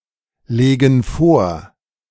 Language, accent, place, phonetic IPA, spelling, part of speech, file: German, Germany, Berlin, [ˌleːɡn̩ ˈfoːɐ̯], legen vor, verb, De-legen vor.ogg
- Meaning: inflection of vorlegen: 1. first/third-person plural present 2. first/third-person plural subjunctive I